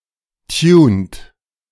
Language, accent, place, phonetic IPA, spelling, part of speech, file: German, Germany, Berlin, [tjuːnt], tunt, verb, De-tunt.ogg
- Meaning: inflection of tunen: 1. second-person plural present 2. third-person singular present 3. plural imperative